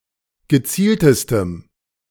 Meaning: strong dative masculine/neuter singular superlative degree of gezielt
- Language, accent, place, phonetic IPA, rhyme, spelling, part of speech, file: German, Germany, Berlin, [ɡəˈt͡siːltəstəm], -iːltəstəm, gezieltestem, adjective, De-gezieltestem.ogg